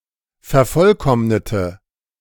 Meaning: inflection of vervollkommnen: 1. first/third-person singular preterite 2. first/third-person singular subjunctive II
- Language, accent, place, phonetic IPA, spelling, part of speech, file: German, Germany, Berlin, [fɛɐ̯ˈfɔlˌkɔmnətə], vervollkommnete, verb, De-vervollkommnete.ogg